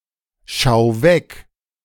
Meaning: 1. singular imperative of vorbeischauen 2. first-person singular present of vorbeischauen
- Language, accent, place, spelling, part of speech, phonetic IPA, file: German, Germany, Berlin, schau vorbei, verb, [ˌʃaʊ̯ foːɐ̯ˈbaɪ̯], De-schau vorbei.ogg